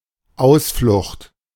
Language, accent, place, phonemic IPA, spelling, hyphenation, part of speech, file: German, Germany, Berlin, /ˈaʊ̯sflʊxt/, Ausflucht, Aus‧flucht, noun, De-Ausflucht.ogg
- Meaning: 1. escape 2. excuse, prevarication